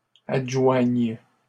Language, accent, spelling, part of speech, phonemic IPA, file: French, Canada, adjoignes, verb, /ad.ʒwaɲ/, LL-Q150 (fra)-adjoignes.wav
- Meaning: second-person singular present subjunctive of adjoindre